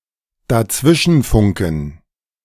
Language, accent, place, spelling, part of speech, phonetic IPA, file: German, Germany, Berlin, dazwischenfunken, verb, [daˈt͡svɪʃn̩ˌfʊŋkn̩], De-dazwischenfunken.ogg
- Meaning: to butt in, interject, interrupt, interfere something, e.g. a conversation